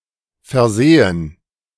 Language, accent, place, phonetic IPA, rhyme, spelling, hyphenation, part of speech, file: German, Germany, Berlin, [fɛɐ̯ˈzeːən], -eːən, versehen, ver‧se‧hen, verb / adjective, De-versehen.ogg
- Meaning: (verb) 1. to perform (a service or duty) 2. to hold (an office) 3. to emblazon with 4. to provide with 5. to make a mistake 6. to expect; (adjective) provided, equipped